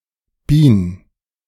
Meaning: bee colony superorganism
- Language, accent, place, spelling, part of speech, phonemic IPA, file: German, Germany, Berlin, Bien, noun, /biːn/, De-Bien.ogg